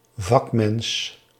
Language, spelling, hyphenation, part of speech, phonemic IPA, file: Dutch, vakmens, vak‧mens, noun, /ˈvɑkmɛns/, Nl-vakmens.ogg
- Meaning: 1. craftsperson 2. specialist, expert